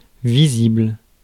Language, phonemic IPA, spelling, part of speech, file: French, /vi.zibl/, visible, adjective, Fr-visible.ogg
- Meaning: visible